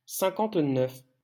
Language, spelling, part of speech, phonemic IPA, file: French, cinquante-neuf, numeral, /sɛ̃.kɑ̃t.nœf/, LL-Q150 (fra)-cinquante-neuf.wav
- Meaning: fifty-nine